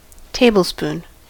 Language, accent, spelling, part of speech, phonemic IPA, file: English, US, tablespoon, noun, /ˈteɪbəlˌspun/, En-us-tablespoon.ogg
- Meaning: 1. A large spoon, used for eating food from a bowl 2. A spoon too large for eating, usually used for cooking or serving